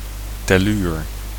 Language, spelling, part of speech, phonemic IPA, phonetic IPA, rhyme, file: Dutch, telluur, noun, /tɛˈlyr/, [tɛˈlyːr], -yr, Nl-telluur.ogg
- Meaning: tellurium